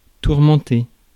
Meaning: 1. to torment, to torture 2. to torment, to bother, to harass
- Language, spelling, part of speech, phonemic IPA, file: French, tourmenter, verb, /tuʁ.mɑ̃.te/, Fr-tourmenter.ogg